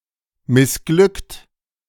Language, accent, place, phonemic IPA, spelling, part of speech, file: German, Germany, Berlin, /mɪsˈɡlʏkt/, missglückt, verb / adjective, De-missglückt.ogg
- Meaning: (verb) past participle of missglücken; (adjective) unsuccessful, failed